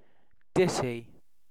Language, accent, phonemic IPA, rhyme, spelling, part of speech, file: English, UK, /ˈdɪti/, -ɪti, ditty, noun / verb, En-uk-ditty.ogg
- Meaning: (noun) 1. A short, simple verse or song 2. A saying or utterance, especially one that is short and frequently repeated 3. Ellipsis of ditty bag; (verb) To sing; to warble a little tune